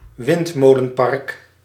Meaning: wind farm (array of wind turbines)
- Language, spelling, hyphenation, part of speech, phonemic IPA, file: Dutch, windmolenpark, wind‧mo‧len‧park, noun, /ˈʋɪnt.moː.lənˌpɑrk/, Nl-windmolenpark.ogg